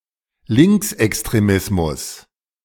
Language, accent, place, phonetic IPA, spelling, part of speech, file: German, Germany, Berlin, [ˈlɪŋksʔɛkstʁeˌmɪsmʊs], Linksextremismus, noun, De-Linksextremismus.ogg
- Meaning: far left / extreme left extremism